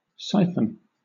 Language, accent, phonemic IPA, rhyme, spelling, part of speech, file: English, Southern England, /ˈsaɪfən/, -aɪfən, siphon, noun / verb, LL-Q1860 (eng)-siphon.wav
- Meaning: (noun) 1. A bent pipe or tube with one end lower than the other, in which hydrostatic pressure exerted due to the force of gravity moves liquid from one reservoir to another 2. A soda siphon